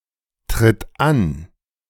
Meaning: inflection of antreten: 1. third-person singular present 2. singular imperative
- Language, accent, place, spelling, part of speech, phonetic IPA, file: German, Germany, Berlin, tritt an, verb, [ˌtʁɪt ˈan], De-tritt an.ogg